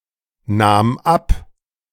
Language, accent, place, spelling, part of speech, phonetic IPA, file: German, Germany, Berlin, nahm ab, verb, [ˌnaːm ˈap], De-nahm ab.ogg
- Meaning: first/third-person singular preterite of abnehmen